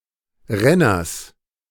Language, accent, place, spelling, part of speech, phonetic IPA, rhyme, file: German, Germany, Berlin, Renners, noun, [ˈʁɛnɐs], -ɛnɐs, De-Renners.ogg
- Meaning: genitive of Renner